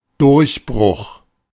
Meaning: 1. breakthrough (sudden progress overcoming an obstacle) 2. aperture 3. cut-out, openwork (in a workpiece)
- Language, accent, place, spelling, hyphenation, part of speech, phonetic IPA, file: German, Germany, Berlin, Durchbruch, Durch‧bruch, noun, [ˈdʊʁçˌbʁʊx], De-Durchbruch.ogg